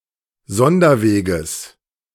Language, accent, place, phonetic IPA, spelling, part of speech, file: German, Germany, Berlin, [ˈzɔndɐˌveːɡəs], Sonderweges, noun, De-Sonderweges.ogg
- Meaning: genitive of Sonderweg